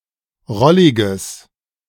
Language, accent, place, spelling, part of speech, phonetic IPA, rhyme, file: German, Germany, Berlin, rolliges, adjective, [ˈʁɔlɪɡəs], -ɔlɪɡəs, De-rolliges.ogg
- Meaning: strong/mixed nominative/accusative neuter singular of rollig